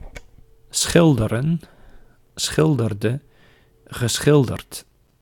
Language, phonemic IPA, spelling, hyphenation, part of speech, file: Dutch, /ˈsxɪldərə(n)/, schilderen, schil‧de‧ren, verb, Nl-schilderen.ogg
- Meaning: to paint